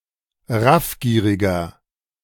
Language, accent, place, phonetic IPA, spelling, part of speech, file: German, Germany, Berlin, [ˈʁafˌɡiːʁɪɡɐ], raffgieriger, adjective, De-raffgieriger.ogg
- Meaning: 1. comparative degree of raffgierig 2. inflection of raffgierig: strong/mixed nominative masculine singular 3. inflection of raffgierig: strong genitive/dative feminine singular